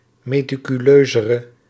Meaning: inflection of meticuleuzer, the comparative degree of meticuleus: 1. masculine/feminine singular attributive 2. definite neuter singular attributive 3. plural attributive
- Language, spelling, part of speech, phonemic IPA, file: Dutch, meticuleuzere, adjective, /meː.ti.kyˈløː.zə.rə/, Nl-meticuleuzere.ogg